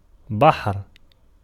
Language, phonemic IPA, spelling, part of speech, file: Arabic, /baħr/, بحر, noun, Ar-بحر.ogg
- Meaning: 1. verbal noun of بَحَرَ (baḥara) (form I) 2. sea 3. large river 4. a noble or great man (possessed of a sea of knowledge, experience and wisdom) 5. poetic meter